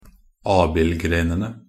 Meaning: definite plural of abildgren
- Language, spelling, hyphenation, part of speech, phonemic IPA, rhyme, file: Norwegian Bokmål, abildgrenene, ab‧ild‧gre‧ne‧ne, noun, /ˈɑːbɪlɡreːnənə/, -ənə, Nb-abildgrenene.ogg